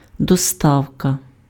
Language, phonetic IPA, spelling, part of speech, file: Ukrainian, [dɔˈstau̯kɐ], доставка, noun, Uk-доставка.ogg
- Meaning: delivery (act of conveying something (to a recipient, an address))